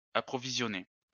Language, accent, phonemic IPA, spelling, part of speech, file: French, France, /a.pʁɔ.vi.zjɔ.ne/, approvisionner, verb, LL-Q150 (fra)-approvisionner.wav
- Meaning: 1. to supply; stock 2. to shop